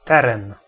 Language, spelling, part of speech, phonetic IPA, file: Polish, teren, noun, [ˈtɛrɛ̃n], Pl-teren.ogg